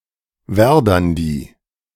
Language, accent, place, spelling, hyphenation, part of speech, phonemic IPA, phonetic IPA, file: German, Germany, Berlin, Werdandi, Wer‧dan‧di, proper noun, /ˈvɛrdandi/, [ˈvɛɐ̯dandi], De-Werdandi.ogg
- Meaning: Verdandi